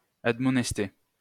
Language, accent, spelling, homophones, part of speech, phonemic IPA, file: French, France, admonester, admonestai / admonesté / admonestée / admonestées / admonestés / admonestez, verb, /ad.mɔ.nɛs.te/, LL-Q150 (fra)-admonester.wav
- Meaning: to admonish; to reprimand